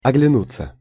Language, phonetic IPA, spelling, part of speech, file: Russian, [ɐɡlʲɪˈnut͡sːə], оглянуться, verb, Ru-оглянуться.ogg
- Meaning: 1. to look / glance back (at); to turn (back) to look at 2. passive of огляну́ть (ogljanútʹ)